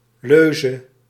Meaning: 1. motto 2. watchword (rallying cry)
- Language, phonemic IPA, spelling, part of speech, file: Dutch, /ˈløːzə/, leuze, noun, Nl-leuze.ogg